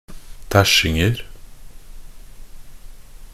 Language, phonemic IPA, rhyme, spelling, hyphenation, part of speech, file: Norwegian Bokmål, /ˈtæʃːɪŋn̩ər/, -ər, tæsjinger, tæsj‧ing‧er, noun, Nb-tæsjinger.ogg
- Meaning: indefinite plural of tæsjing